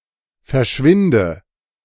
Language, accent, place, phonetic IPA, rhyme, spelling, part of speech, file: German, Germany, Berlin, [fɛɐ̯ˈʃvɪndə], -ɪndə, verschwinde, verb, De-verschwinde.ogg
- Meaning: inflection of verschwinden: 1. first-person singular present 2. first/third-person singular subjunctive I 3. singular imperative